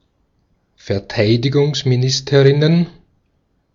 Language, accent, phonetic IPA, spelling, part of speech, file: German, Austria, [fɛɐ̯ˈtaɪ̯dɪɡʊŋsmiˌnɪstəʁɪnən], Verteidigungsministerinnen, noun, De-at-Verteidigungsministerinnen.ogg
- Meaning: plural of Verteidigungsministerin